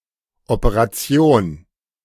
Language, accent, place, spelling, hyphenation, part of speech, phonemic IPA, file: German, Germany, Berlin, Operation, Ope‧ra‧ti‧on, noun, /ɔˌpəʁaˈt͡sioːn/, De-Operation.ogg
- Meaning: operation